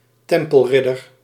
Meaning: a Knight Templar (knightly member of the Templar order)
- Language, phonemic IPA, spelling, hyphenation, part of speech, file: Dutch, /ˈtɛm.pəlˌrɪ.dər/, tempelridder, tem‧pel‧rid‧der, noun, Nl-tempelridder.ogg